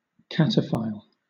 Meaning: 1. A type of urban explorer who visits the ancient catacombs and quarries linked by tunnels beneath Paris, France 2. An individual who explores subterranean catacombs, mines, or quarries
- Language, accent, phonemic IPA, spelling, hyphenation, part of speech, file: English, Southern England, /ˈkætəfaɪl/, cataphile, ca‧ta‧phile, noun, LL-Q1860 (eng)-cataphile.wav